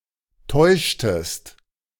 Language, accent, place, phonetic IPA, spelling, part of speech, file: German, Germany, Berlin, [ˈtɔɪ̯ʃtəst], täuschtest, verb, De-täuschtest.ogg
- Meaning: inflection of täuschen: 1. second-person singular preterite 2. second-person singular subjunctive II